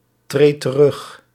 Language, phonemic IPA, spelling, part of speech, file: Dutch, /ˈtret t(ə)ˈrʏx/, treedt terug, verb, Nl-treedt terug.ogg
- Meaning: inflection of terugtreden: 1. second/third-person singular present indicative 2. plural imperative